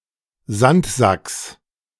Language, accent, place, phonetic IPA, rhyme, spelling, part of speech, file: German, Germany, Berlin, [ˈzantˌzaks], -antzaks, Sandsacks, noun, De-Sandsacks.ogg
- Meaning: genitive singular of Sandsack